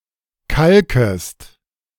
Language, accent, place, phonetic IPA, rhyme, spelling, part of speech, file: German, Germany, Berlin, [ˈkalkəst], -alkəst, kalkest, verb, De-kalkest.ogg
- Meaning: second-person singular subjunctive I of kalken